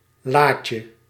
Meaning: 1. diminutive of la 2. diminutive of laat
- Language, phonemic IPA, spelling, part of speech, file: Dutch, /ˈlacə/, laatje, noun, Nl-laatje.ogg